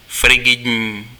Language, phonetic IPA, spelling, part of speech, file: Czech, [ˈfrɪɡɪdɲiː], frigidní, adjective, Cs-frigidní.ogg
- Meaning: 1. frigid (very cold, icy) 2. frigid (chilly in manner)